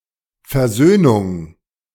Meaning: reconciliation
- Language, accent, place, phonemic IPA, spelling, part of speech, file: German, Germany, Berlin, /fɛɐ̯ˈzøːnʊŋ/, Versöhnung, noun, De-Versöhnung.ogg